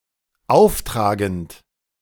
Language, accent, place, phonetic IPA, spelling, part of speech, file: German, Germany, Berlin, [ˈaʊ̯fˌtʁaːɡn̩t], auftragend, verb, De-auftragend.ogg
- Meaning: present participle of auftragen